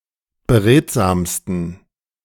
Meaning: 1. superlative degree of beredsam 2. inflection of beredsam: strong genitive masculine/neuter singular superlative degree
- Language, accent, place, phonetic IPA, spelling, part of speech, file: German, Germany, Berlin, [bəˈʁeːtzaːmstn̩], beredsamsten, adjective, De-beredsamsten.ogg